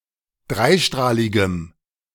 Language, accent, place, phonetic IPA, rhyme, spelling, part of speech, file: German, Germany, Berlin, [ˈdʁaɪ̯ˌʃtʁaːlɪɡəm], -aɪ̯ʃtʁaːlɪɡəm, dreistrahligem, adjective, De-dreistrahligem.ogg
- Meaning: strong dative masculine/neuter singular of dreistrahlig